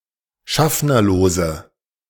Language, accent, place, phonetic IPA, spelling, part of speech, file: German, Germany, Berlin, [ˈʃafnɐloːzə], schaffnerlose, adjective, De-schaffnerlose.ogg
- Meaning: inflection of schaffnerlos: 1. strong/mixed nominative/accusative feminine singular 2. strong nominative/accusative plural 3. weak nominative all-gender singular